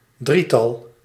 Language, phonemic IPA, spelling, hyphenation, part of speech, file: Dutch, /ˈdri.tɑl/, drietal, drie‧tal, noun, Nl-drietal.ogg
- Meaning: triplet, group of three